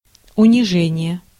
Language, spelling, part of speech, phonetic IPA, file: Russian, унижение, noun, [ʊnʲɪˈʐɛnʲɪje], Ru-унижение.ogg
- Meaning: humiliation, abasement